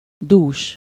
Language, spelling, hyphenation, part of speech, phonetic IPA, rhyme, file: Hungarian, dús, dús, adjective, [ˈduːʃ], -uːʃ, Hu-dús.ogg
- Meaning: 1. rich, plentiful 2. thick (of hair), full (of bosom)